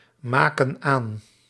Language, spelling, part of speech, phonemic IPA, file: Dutch, maken aan, verb, /ˈmakə(n) ˈan/, Nl-maken aan.ogg
- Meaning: inflection of aanmaken: 1. plural present indicative 2. plural present subjunctive